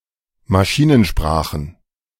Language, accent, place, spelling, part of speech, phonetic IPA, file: German, Germany, Berlin, Maschinensprachen, noun, [maˈʃiːnənˌʃpʁaːxən], De-Maschinensprachen.ogg
- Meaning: plural of Maschinensprache